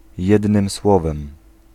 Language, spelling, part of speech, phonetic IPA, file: Polish, jednym słowem, adverbial phrase, [ˈjɛdnɨ̃m ˈswɔvɛ̃m], Pl-jednym słowem.ogg